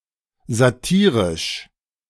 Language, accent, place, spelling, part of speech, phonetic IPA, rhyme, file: German, Germany, Berlin, satirisch, adjective, [zaˈtiːʁɪʃ], -iːʁɪʃ, De-satirisch.ogg
- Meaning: satirical